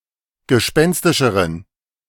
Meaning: inflection of gespenstisch: 1. strong genitive masculine/neuter singular comparative degree 2. weak/mixed genitive/dative all-gender singular comparative degree
- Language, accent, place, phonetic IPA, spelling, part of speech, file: German, Germany, Berlin, [ɡəˈʃpɛnstɪʃəʁən], gespenstischeren, adjective, De-gespenstischeren.ogg